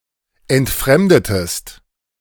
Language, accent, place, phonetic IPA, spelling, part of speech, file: German, Germany, Berlin, [ɛntˈfʁɛmdətəst], entfremdetest, verb, De-entfremdetest.ogg
- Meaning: inflection of entfremden: 1. second-person singular preterite 2. second-person singular subjunctive II